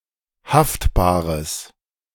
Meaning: strong/mixed nominative/accusative neuter singular of haftbar
- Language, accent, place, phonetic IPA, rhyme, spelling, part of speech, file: German, Germany, Berlin, [ˈhaftbaːʁəs], -aftbaːʁəs, haftbares, adjective, De-haftbares.ogg